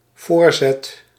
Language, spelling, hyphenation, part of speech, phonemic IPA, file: Dutch, voorzet, voor‧zet, noun / verb, /ˈvoːr.zɛt/, Nl-voorzet.ogg
- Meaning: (noun) 1. a pass 2. a beginning move; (verb) first/second/third-person singular dependent-clause present indicative of voorzetten